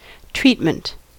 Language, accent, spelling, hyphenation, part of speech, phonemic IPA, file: English, US, treatment, treat‧ment, noun, /ˈtɹiːtmənt/, En-us-treatment.ogg
- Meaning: 1. The process or manner of treating someone or something 2. Medical care for an illness or injury 3. The use of a substance or process to preserve or give particular properties to something